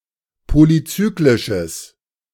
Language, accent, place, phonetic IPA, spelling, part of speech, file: German, Germany, Berlin, [ˌpolyˈt͡syːklɪʃəs], polyzyklisches, adjective, De-polyzyklisches.ogg
- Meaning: strong/mixed nominative/accusative neuter singular of polyzyklisch